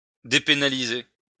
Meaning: to decriminalize
- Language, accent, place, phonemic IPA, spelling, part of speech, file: French, France, Lyon, /de.pe.na.li.ze/, dépénaliser, verb, LL-Q150 (fra)-dépénaliser.wav